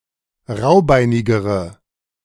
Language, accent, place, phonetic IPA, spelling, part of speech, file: German, Germany, Berlin, [ˈʁaʊ̯ˌbaɪ̯nɪɡəʁə], raubeinigere, adjective, De-raubeinigere.ogg
- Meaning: inflection of raubeinig: 1. strong/mixed nominative/accusative feminine singular comparative degree 2. strong nominative/accusative plural comparative degree